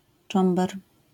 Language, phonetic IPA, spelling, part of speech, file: Polish, [ˈt͡ʃɔ̃mbɛr], cząber, noun, LL-Q809 (pol)-cząber.wav